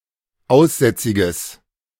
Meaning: strong/mixed nominative/accusative neuter singular of aussätzig
- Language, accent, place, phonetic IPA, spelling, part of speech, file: German, Germany, Berlin, [ˈaʊ̯sˌzɛt͡sɪɡəs], aussätziges, adjective, De-aussätziges.ogg